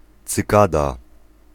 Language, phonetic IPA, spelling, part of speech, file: Polish, [t͡sɨˈkada], cykada, noun, Pl-cykada.ogg